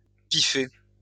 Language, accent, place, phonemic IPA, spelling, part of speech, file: French, France, Lyon, /pi.fe/, piffer, verb, LL-Q150 (fra)-piffer.wav
- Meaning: to stand, put up with